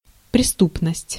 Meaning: 1. criminality (state of being criminal) 2. crime (general crime)
- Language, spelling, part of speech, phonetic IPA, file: Russian, преступность, noun, [prʲɪˈstupnəsʲtʲ], Ru-преступность.ogg